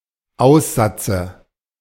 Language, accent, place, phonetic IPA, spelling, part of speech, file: German, Germany, Berlin, [ˈaʊ̯sˌzat͡sə], Aussatze, noun, De-Aussatze.ogg
- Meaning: dative singular of Aussatz